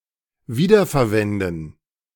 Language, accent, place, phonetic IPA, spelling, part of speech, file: German, Germany, Berlin, [ˈviːdɐfɛɐ̯ˌvɛndn̩], wiederverwenden, verb, De-wiederverwenden.ogg
- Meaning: 1. to reuse 2. to recycle